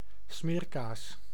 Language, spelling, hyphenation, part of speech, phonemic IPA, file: Dutch, smeerkaas, smeer‧kaas, noun, /ˈsmeːr.kaːs/, Nl-smeerkaas.ogg
- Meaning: cheese spread